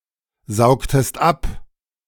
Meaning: inflection of absaugen: 1. second-person singular preterite 2. second-person singular subjunctive II
- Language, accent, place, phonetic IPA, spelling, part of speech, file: German, Germany, Berlin, [ˌzaʊ̯ktəst ˈap], saugtest ab, verb, De-saugtest ab.ogg